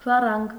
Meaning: 1. heir, inheritor 2. descendant
- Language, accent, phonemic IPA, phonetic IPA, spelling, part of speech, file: Armenian, Eastern Armenian, /ʒɑˈrɑnɡ/, [ʒɑrɑ́ŋɡ], ժառանգ, noun, Hy-ժառանգ.ogg